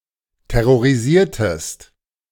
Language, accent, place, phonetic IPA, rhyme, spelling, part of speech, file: German, Germany, Berlin, [tɛʁoʁiˈziːɐ̯təst], -iːɐ̯təst, terrorisiertest, verb, De-terrorisiertest.ogg
- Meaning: inflection of terrorisieren: 1. second-person singular preterite 2. second-person singular subjunctive II